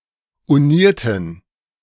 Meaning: inflection of uniert: 1. strong genitive masculine/neuter singular 2. weak/mixed genitive/dative all-gender singular 3. strong/weak/mixed accusative masculine singular 4. strong dative plural
- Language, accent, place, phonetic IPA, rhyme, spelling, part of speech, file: German, Germany, Berlin, [uˈniːɐ̯tn̩], -iːɐ̯tn̩, unierten, adjective / verb, De-unierten.ogg